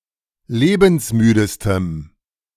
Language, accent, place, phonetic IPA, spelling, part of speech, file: German, Germany, Berlin, [ˈleːbn̩sˌmyːdəstəm], lebensmüdestem, adjective, De-lebensmüdestem.ogg
- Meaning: strong dative masculine/neuter singular superlative degree of lebensmüde